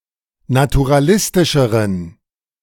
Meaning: inflection of naturalistisch: 1. strong genitive masculine/neuter singular comparative degree 2. weak/mixed genitive/dative all-gender singular comparative degree
- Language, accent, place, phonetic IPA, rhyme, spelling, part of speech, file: German, Germany, Berlin, [natuʁaˈlɪstɪʃəʁən], -ɪstɪʃəʁən, naturalistischeren, adjective, De-naturalistischeren.ogg